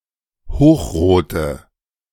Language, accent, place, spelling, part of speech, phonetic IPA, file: German, Germany, Berlin, hochrote, adjective, [ˈhoːxˌʁoːtə], De-hochrote.ogg
- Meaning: inflection of hochrot: 1. strong/mixed nominative/accusative feminine singular 2. strong nominative/accusative plural 3. weak nominative all-gender singular 4. weak accusative feminine/neuter singular